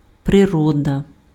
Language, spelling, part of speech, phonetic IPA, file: Ukrainian, природа, noun, [preˈrɔdɐ], Uk-природа.ogg
- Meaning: nature